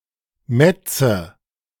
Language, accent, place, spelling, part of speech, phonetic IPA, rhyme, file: German, Germany, Berlin, Mätze, noun, [ˈmɛt͡sə], -ɛt͡sə, De-Mätze.ogg
- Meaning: nominative/accusative/genitive plural of Matz